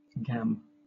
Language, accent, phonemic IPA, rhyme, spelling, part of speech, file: English, Southern England, /ɡæm/, -æm, gam, noun / verb, LL-Q1860 (eng)-gam.wav
- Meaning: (noun) 1. A person's leg, especially an attractive woman's leg 2. A group of whales, or rarely also of other large sea animals; a pod 3. A social gathering of whalers (whaling ships)